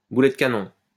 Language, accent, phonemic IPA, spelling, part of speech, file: French, France, /bu.lɛ d(ə) ka.nɔ̃/, boulet de canon, noun, LL-Q150 (fra)-boulet de canon.wav
- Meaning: 1. cannonball 2. powerful shot